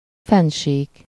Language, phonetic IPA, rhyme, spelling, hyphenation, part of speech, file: Hungarian, [ˈfɛnʃiːk], -iːk, fennsík, fenn‧sík, noun, Hu-fennsík.ogg
- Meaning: plateau, mesa